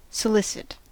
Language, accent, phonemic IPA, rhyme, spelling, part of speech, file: English, US, /səˈlɪsɪt/, -ɪsɪt, solicit, verb / noun, En-us-solicit.ogg
- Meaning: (verb) 1. To persistently endeavor to obtain an object, or bring about an event 2. To woo; to court 3. To persuade or incite one to commit some act, especially illegal or sexual behavior